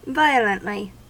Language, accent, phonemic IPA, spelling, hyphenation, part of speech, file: English, US, /ˈvaɪ(ə)ləntli/, violently, vi‧o‧lent‧ly, adverb, En-us-violently.ogg
- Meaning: 1. In a violent manner 2. To an intense degree; extremely; strongly; intensely